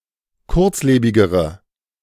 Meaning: inflection of kurzlebig: 1. strong/mixed nominative/accusative feminine singular comparative degree 2. strong nominative/accusative plural comparative degree
- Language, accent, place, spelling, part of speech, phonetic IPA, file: German, Germany, Berlin, kurzlebigere, adjective, [ˈkʊʁt͡sˌleːbɪɡəʁə], De-kurzlebigere.ogg